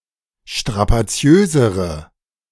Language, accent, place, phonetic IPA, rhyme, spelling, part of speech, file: German, Germany, Berlin, [ʃtʁapaˈt͡si̯øːzəʁə], -øːzəʁə, strapaziösere, adjective, De-strapaziösere.ogg
- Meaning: inflection of strapaziös: 1. strong/mixed nominative/accusative feminine singular comparative degree 2. strong nominative/accusative plural comparative degree